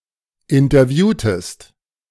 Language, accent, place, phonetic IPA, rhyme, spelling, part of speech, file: German, Germany, Berlin, [ɪntɐˈvjuːtəst], -uːtəst, interviewtest, verb, De-interviewtest.ogg
- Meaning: inflection of interviewen: 1. second-person singular preterite 2. second-person singular subjunctive II